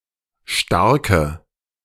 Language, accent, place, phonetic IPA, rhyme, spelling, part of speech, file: German, Germany, Berlin, [ˈʃtaʁkə], -aʁkə, starke, adjective, De-starke.ogg
- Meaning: inflection of stark: 1. strong/mixed nominative/accusative feminine singular 2. strong nominative/accusative plural 3. weak nominative all-gender singular 4. weak accusative feminine/neuter singular